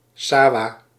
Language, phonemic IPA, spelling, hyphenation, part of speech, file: Dutch, /ˈsaː.ʋaː/, sawa, sa‧wa, noun, Nl-sawa.ogg
- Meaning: rice paddy